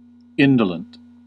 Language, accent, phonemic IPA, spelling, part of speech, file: English, US, /ˈɪn.də.lənt/, indolent, adjective, En-us-indolent.ogg
- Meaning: 1. Habitually lazy, procrastinating, or resistant to physical labor 2. Inducing laziness 3. Causing little or no physical pain; progressing slowly; inactive (of an ulcer, etc.) 4. Healing slowly